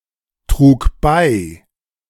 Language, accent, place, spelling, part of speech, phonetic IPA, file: German, Germany, Berlin, trug bei, verb, [ˌtʁuːk ˈbaɪ̯], De-trug bei.ogg
- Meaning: first/third-person singular preterite of beitragen